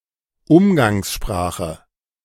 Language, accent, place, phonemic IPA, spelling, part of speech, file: German, Germany, Berlin, /ˈʊmɡaŋsˌʃpʁaːxə/, Umgangssprache, noun, De-Umgangssprache.ogg
- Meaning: 1. colloquial language, colloquialism 2. vernacular, non-standard language